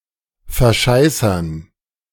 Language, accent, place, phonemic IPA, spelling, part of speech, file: German, Germany, Berlin, /fɛɐ̯ˈʃaɪ̯sɐn/, verscheißern, verb, De-verscheißern.ogg
- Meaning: to fool someone